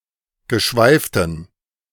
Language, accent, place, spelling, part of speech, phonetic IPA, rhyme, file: German, Germany, Berlin, geschweiften, adjective, [ɡəˈʃvaɪ̯ftn̩], -aɪ̯ftn̩, De-geschweiften.ogg
- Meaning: inflection of geschweift: 1. strong genitive masculine/neuter singular 2. weak/mixed genitive/dative all-gender singular 3. strong/weak/mixed accusative masculine singular 4. strong dative plural